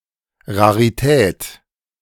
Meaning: curiosity, rarity
- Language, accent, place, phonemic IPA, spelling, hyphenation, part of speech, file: German, Germany, Berlin, /ʁaʁiˈtɛːt/, Rarität, Ra‧ri‧tät, noun, De-Rarität.ogg